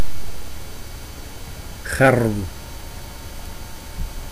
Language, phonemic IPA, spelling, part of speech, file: Dutch, /ɣɛrʋ/, gerw, noun, Nl-gerw.ogg
- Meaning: synonym of duizendblad (“common yarrow, Achillea millefolium”)